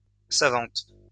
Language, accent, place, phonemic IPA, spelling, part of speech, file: French, France, Lyon, /sa.vɑ̃t/, savante, adjective, LL-Q150 (fra)-savante.wav
- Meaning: feminine singular of savant